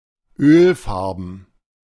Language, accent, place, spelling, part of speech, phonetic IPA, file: German, Germany, Berlin, Ölfarben, noun, [ˈøːlˌfaʁbn̩], De-Ölfarben.ogg
- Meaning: plural of Ölfarbe